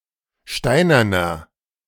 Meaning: inflection of steinern: 1. strong/mixed nominative masculine singular 2. strong genitive/dative feminine singular 3. strong genitive plural
- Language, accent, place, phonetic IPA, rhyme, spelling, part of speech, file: German, Germany, Berlin, [ˈʃtaɪ̯nɐnɐ], -aɪ̯nɐnɐ, steinerner, adjective, De-steinerner.ogg